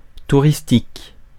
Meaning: 1. tourist, tourist's 2. touristy, touristic (which attracts tourists)
- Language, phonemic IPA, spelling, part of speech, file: French, /tu.ʁis.tik/, touristique, adjective, Fr-touristique.ogg